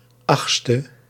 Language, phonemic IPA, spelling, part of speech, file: Dutch, /ˈɑxtstə/, 8e, adjective, Nl-8e.ogg
- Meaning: abbreviation of achtste (“eighth”); 8th